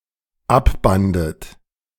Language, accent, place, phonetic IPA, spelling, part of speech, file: German, Germany, Berlin, [ˈapˌbandət], abbandet, verb, De-abbandet.ogg
- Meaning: second-person plural dependent preterite of abbinden